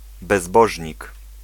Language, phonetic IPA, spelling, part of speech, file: Polish, [bɛzˈbɔʒʲɲik], bezbożnik, noun, Pl-bezbożnik.ogg